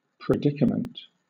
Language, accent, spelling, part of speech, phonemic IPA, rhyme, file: English, Southern England, predicament, noun, /pɹɪˈdɪkəmənt/, -ɪkəmənt, LL-Q1860 (eng)-predicament.wav
- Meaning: 1. A definite class, state or condition 2. An unfortunate or trying position or condition 3. That which is predicated; a category